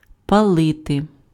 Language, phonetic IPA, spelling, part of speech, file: Ukrainian, [pɐˈɫɪte], палити, verb, Uk-палити.ogg
- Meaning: 1. to burn (to cause to be consumed by fire) 2. to smoke (cigarettes, tobacco)